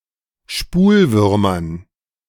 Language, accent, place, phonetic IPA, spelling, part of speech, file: German, Germany, Berlin, [ˈʃpuːlˌvʏʁmɐn], Spulwürmern, noun, De-Spulwürmern.ogg
- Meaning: dative plural of Spulwurm